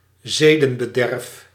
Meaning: moral collapse, moral degeneration
- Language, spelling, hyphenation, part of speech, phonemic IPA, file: Dutch, zedenbederf, ze‧den‧be‧derf, noun, /ˈzeː.də(n).bəˌdɛrf/, Nl-zedenbederf.ogg